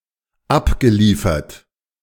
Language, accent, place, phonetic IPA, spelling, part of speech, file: German, Germany, Berlin, [ˈapɡəˌliːfɐt], abgeliefert, verb, De-abgeliefert.ogg
- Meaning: past participle of abliefern